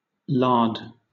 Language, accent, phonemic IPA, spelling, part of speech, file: English, Southern England, /lɑːd/, lard, noun / verb, LL-Q1860 (eng)-lard.wav
- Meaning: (noun) 1. Fat from the abdomen of a pig, especially as prepared for use in cooking or pharmacy 2. Fatty meat from a pig; bacon, pork 3. Excess fat on a person or animal